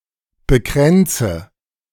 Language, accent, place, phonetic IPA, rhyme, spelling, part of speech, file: German, Germany, Berlin, [bəˈkʁɛnt͡sə], -ɛnt͡sə, bekränze, verb, De-bekränze.ogg
- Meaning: inflection of bekränzen: 1. first-person singular present 2. first/third-person singular subjunctive I 3. singular imperative